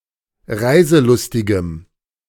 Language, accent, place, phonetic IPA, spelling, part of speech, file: German, Germany, Berlin, [ˈʁaɪ̯zəˌlʊstɪɡəm], reiselustigem, adjective, De-reiselustigem.ogg
- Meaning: strong dative masculine/neuter singular of reiselustig